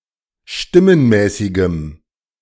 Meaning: strong dative masculine/neuter singular of stimmenmäßig
- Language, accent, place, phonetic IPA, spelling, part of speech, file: German, Germany, Berlin, [ˈʃtɪmənˌmɛːsɪɡəm], stimmenmäßigem, adjective, De-stimmenmäßigem.ogg